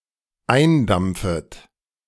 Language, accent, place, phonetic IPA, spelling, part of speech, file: German, Germany, Berlin, [ˈaɪ̯nˌdamp͡fət], eindampfet, verb, De-eindampfet.ogg
- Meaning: second-person plural dependent subjunctive I of eindampfen